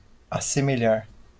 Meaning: to resemble
- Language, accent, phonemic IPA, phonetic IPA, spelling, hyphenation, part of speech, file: Portuguese, Brazil, /a.se.meˈʎa(ʁ)/, [a.se.meˈʎa(h)], assemelhar, as‧se‧me‧lhar, verb, LL-Q5146 (por)-assemelhar.wav